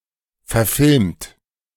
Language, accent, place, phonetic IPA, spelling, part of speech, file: German, Germany, Berlin, [fɛɐ̯ˈfɪlmt], verfilmt, verb, De-verfilmt.ogg
- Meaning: 1. past participle of verfilmen 2. inflection of verfilmen: second-person plural present 3. inflection of verfilmen: third-person singular present 4. inflection of verfilmen: plural imperative